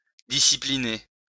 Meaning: 1. to (submit to) discipline, punish 2. to discipline, drill
- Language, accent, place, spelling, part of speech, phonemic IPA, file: French, France, Lyon, discipliner, verb, /di.si.pli.ne/, LL-Q150 (fra)-discipliner.wav